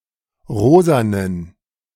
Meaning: inflection of rosa: 1. strong genitive masculine/neuter singular 2. weak/mixed genitive/dative all-gender singular 3. strong/weak/mixed accusative masculine singular 4. strong dative plural
- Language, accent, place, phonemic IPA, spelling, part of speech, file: German, Germany, Berlin, /ˈʁoːzanən/, rosanen, adjective, De-rosanen.ogg